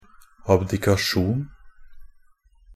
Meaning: 1. abdication, the act of abdicating; the renunciation of a high office or sovereign power 2. a document containing a statement that someone is abdicating
- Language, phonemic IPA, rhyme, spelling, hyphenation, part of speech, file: Norwegian Bokmål, /abdɪkaˈʃuːn/, -uːn, abdikasjon, ab‧di‧ka‧sjon, noun, NB - Pronunciation of Norwegian Bokmål «abdikasjon».ogg